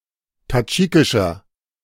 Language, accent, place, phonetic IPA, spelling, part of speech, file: German, Germany, Berlin, [taˈd͡ʒiːkɪʃɐ], tadschikischer, adjective, De-tadschikischer.ogg
- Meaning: 1. comparative degree of tadschikisch 2. inflection of tadschikisch: strong/mixed nominative masculine singular 3. inflection of tadschikisch: strong genitive/dative feminine singular